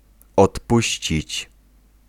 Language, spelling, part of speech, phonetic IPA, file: Polish, odpuścić, verb, [ɔtˈpuɕt͡ɕit͡ɕ], Pl-odpuścić.ogg